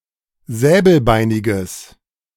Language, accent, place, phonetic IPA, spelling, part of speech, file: German, Germany, Berlin, [ˈzɛːbl̩ˌbaɪ̯nɪɡəs], säbelbeiniges, adjective, De-säbelbeiniges.ogg
- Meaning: strong/mixed nominative/accusative neuter singular of säbelbeinig